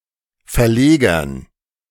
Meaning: dative plural of Verleger
- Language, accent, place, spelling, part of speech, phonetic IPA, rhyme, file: German, Germany, Berlin, Verlegern, noun, [fɛɐ̯ˈleːɡɐn], -eːɡɐn, De-Verlegern.ogg